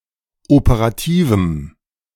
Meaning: strong dative masculine/neuter singular of operativ
- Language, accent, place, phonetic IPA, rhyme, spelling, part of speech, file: German, Germany, Berlin, [opəʁaˈtiːvm̩], -iːvm̩, operativem, adjective, De-operativem.ogg